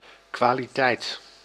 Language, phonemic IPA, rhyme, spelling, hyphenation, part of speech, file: Dutch, /kʋaː.liˈtɛi̯t/, -ɛi̯t, kwaliteit, kwa‧li‧teit, noun, Nl-kwaliteit.ogg
- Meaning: quality